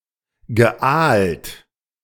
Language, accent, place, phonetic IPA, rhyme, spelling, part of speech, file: German, Germany, Berlin, [ɡəˈʔaːlt], -aːlt, geaalt, verb, De-geaalt.ogg
- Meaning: past participle of aalen